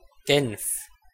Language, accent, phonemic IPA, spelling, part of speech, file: German, Switzerland, /ɡɛnf/, Genf, proper noun, De-Genf.ogg
- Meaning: 1. Geneva (a canton of Switzerland) 2. Geneva (the capital city of Genf canton, Switzerland)